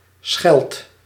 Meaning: inflection of schellen: 1. second/third-person singular present indicative 2. plural imperative
- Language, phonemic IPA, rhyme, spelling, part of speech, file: Dutch, /sxɛlt/, -ɛlt, schelt, verb, Nl-schelt.ogg